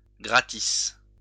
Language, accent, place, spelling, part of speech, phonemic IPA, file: French, France, Lyon, gratis, adverb / adjective, /ɡʁa.tis/, LL-Q150 (fra)-gratis.wav
- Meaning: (adverb) free, without charge, gratis; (adjective) free; for free, without charge